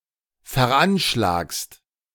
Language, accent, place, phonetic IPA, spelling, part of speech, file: German, Germany, Berlin, [fɛɐ̯ˈʔanʃlaːkst], veranschlagst, verb, De-veranschlagst.ogg
- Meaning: second-person singular present of veranschlagen